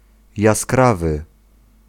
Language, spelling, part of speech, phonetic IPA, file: Polish, jaskrawy, adjective, [jasˈkravɨ], Pl-jaskrawy.ogg